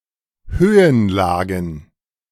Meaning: plural of Höhenlage
- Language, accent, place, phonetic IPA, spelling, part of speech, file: German, Germany, Berlin, [ˈhøːənˌlaːɡn̩], Höhenlagen, noun, De-Höhenlagen.ogg